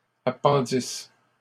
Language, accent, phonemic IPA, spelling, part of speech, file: French, Canada, /a.pɑ̃.dis/, appendissent, verb, LL-Q150 (fra)-appendissent.wav
- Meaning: third-person plural imperfect subjunctive of appendre